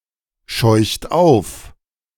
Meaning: inflection of aufscheuchen: 1. third-person singular present 2. second-person plural present 3. plural imperative
- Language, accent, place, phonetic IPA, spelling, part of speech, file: German, Germany, Berlin, [ˌʃɔɪ̯çt ˈaʊ̯f], scheucht auf, verb, De-scheucht auf.ogg